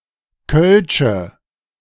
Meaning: inflection of kölsch: 1. strong/mixed nominative/accusative feminine singular 2. strong nominative/accusative plural 3. weak nominative all-gender singular 4. weak accusative feminine/neuter singular
- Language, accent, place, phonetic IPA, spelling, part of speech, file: German, Germany, Berlin, [kœlʃə], kölsche, adjective, De-kölsche.ogg